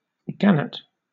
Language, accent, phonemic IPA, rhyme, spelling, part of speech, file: English, Southern England, /ˈɡænɪt/, -ænɪt, gannet, noun / verb, LL-Q1860 (eng)-gannet.wav